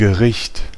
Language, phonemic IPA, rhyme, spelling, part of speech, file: German, /ɡəˈʁɪçt/, -ɪçt, Gericht, noun, De-Gericht.ogg
- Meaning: 1. court (of justice) 2. judgement / judgment 3. dish (a type of prepared food)